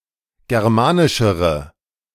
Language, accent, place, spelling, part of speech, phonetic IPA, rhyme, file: German, Germany, Berlin, germanischere, adjective, [ˌɡɛʁˈmaːnɪʃəʁə], -aːnɪʃəʁə, De-germanischere.ogg
- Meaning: inflection of germanisch: 1. strong/mixed nominative/accusative feminine singular comparative degree 2. strong nominative/accusative plural comparative degree